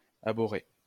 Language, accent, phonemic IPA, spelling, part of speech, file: French, France, /a.bɔ.ʁe/, abhorré, verb, LL-Q150 (fra)-abhorré.wav
- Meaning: past participle of abhorrer